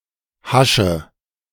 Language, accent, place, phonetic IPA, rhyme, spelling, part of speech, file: German, Germany, Berlin, [ˈhaʃə], -aʃə, hasche, verb, De-hasche.ogg
- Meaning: inflection of haschen: 1. first-person singular present 2. first/third-person singular subjunctive I 3. singular imperative